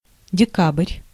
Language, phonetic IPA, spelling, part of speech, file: Russian, [dʲɪˈkab(ə)rʲ], декабрь, noun, Ru-декабрь.ogg
- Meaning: December